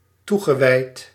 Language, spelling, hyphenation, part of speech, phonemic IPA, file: Dutch, toegewijd, toe‧ge‧wijd, adjective / verb, /ˈtu.ɣə.ʋɛi̯t/, Nl-toegewijd.ogg
- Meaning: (adjective) dedicated, devoted; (verb) past participle of toewijden